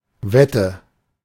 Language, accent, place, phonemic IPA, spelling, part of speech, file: German, Germany, Berlin, /ˈvɛtə/, Wette, noun, De-Wette.ogg
- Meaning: bet